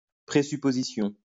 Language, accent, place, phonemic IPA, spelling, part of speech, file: French, France, Lyon, /pʁe.sy.po.zi.sjɔ̃/, présupposition, noun, LL-Q150 (fra)-présupposition.wav
- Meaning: presupposition